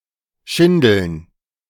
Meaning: plural of Schindel
- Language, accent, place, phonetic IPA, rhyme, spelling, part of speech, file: German, Germany, Berlin, [ˈʃɪndl̩n], -ɪndl̩n, Schindeln, noun, De-Schindeln.ogg